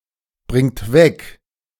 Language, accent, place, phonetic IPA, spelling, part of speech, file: German, Germany, Berlin, [ˌbʁɪŋt ˈvɛk], bringt weg, verb, De-bringt weg.ogg
- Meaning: inflection of wegbringen: 1. third-person singular present 2. second-person plural present 3. plural imperative